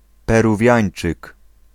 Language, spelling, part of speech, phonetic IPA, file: Polish, Peruwiańczyk, noun, [ˌpɛruˈvʲjä̃j̃n͇t͡ʃɨk], Pl-Peruwiańczyk.ogg